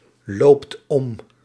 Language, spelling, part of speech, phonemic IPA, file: Dutch, loopt om, verb, /ˈlopt ˈɔm/, Nl-loopt om.ogg
- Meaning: inflection of omlopen: 1. second/third-person singular present indicative 2. plural imperative